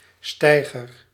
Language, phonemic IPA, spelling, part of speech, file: Dutch, /ˈstɛiɣər/, steiger, noun / verb, Nl-steiger.ogg
- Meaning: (noun) 1. a jetty; a small, often wooden landing for boats or small ships 2. scaffolding; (verb) inflection of steigeren: first-person singular present indicative